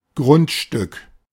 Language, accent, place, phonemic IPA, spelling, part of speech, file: German, Germany, Berlin, /ˈɡʁʊntˌʃtʏk/, Grundstück, noun, De-Grundstück.ogg
- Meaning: land, parcel, real estate